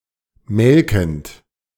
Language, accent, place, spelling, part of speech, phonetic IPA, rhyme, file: German, Germany, Berlin, melkend, verb, [ˈmɛlkn̩t], -ɛlkn̩t, De-melkend.ogg
- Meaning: present participle of melken